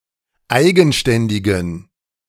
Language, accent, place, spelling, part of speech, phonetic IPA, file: German, Germany, Berlin, eigenständigen, adjective, [ˈaɪ̯ɡn̩ˌʃtɛndɪɡn̩], De-eigenständigen.ogg
- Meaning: inflection of eigenständig: 1. strong genitive masculine/neuter singular 2. weak/mixed genitive/dative all-gender singular 3. strong/weak/mixed accusative masculine singular 4. strong dative plural